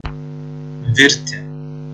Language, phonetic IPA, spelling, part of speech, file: Lithuanian, [ˈvʲɪrʲ tʲɪ], virti, verb, Lt-virti.ogg
- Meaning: 1. to boil, seethe 2. to cook, to make (food)